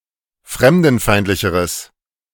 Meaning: strong/mixed nominative/accusative neuter singular comparative degree of fremdenfeindlich
- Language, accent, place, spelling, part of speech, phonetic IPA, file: German, Germany, Berlin, fremdenfeindlicheres, adjective, [ˈfʁɛmdn̩ˌfaɪ̯ntlɪçəʁəs], De-fremdenfeindlicheres.ogg